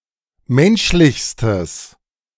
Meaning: strong/mixed nominative/accusative neuter singular superlative degree of menschlich
- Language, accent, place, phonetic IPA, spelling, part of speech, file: German, Germany, Berlin, [ˈmɛnʃlɪçstəs], menschlichstes, adjective, De-menschlichstes.ogg